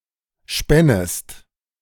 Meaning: second-person singular subjunctive II of spinnen
- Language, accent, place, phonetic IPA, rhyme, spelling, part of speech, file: German, Germany, Berlin, [ˈʃpɛnəst], -ɛnəst, spännest, verb, De-spännest.ogg